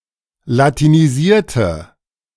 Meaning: inflection of latinisieren: 1. first/third-person singular preterite 2. first/third-person singular subjunctive II
- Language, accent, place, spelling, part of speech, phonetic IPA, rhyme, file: German, Germany, Berlin, latinisierte, adjective / verb, [latiniˈziːɐ̯tə], -iːɐ̯tə, De-latinisierte.ogg